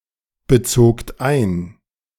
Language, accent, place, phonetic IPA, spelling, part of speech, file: German, Germany, Berlin, [bəˌt͡soːkt ˈaɪ̯n], bezogt ein, verb, De-bezogt ein.ogg
- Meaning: second-person plural preterite of einbeziehen